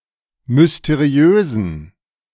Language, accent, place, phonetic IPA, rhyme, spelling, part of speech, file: German, Germany, Berlin, [mʏsteˈʁi̯øːzn̩], -øːzn̩, mysteriösen, adjective, De-mysteriösen.ogg
- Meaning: inflection of mysteriös: 1. strong genitive masculine/neuter singular 2. weak/mixed genitive/dative all-gender singular 3. strong/weak/mixed accusative masculine singular 4. strong dative plural